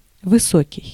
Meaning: 1. tall 2. high-altitude 3. high, great, intense 4. lofty, elevated 5. unselfish, noble 6. high-ranking 7. approving, favorable, good 8. high-pitched
- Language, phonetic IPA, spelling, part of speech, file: Russian, [vɨˈsokʲɪj], высокий, adjective, Ru-высокий.ogg